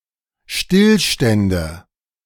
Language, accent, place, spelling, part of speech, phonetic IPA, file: German, Germany, Berlin, Stillstände, noun, [ˈʃtɪlˌʃtɛndə], De-Stillstände.ogg
- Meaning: nominative/accusative/genitive plural of Stillstand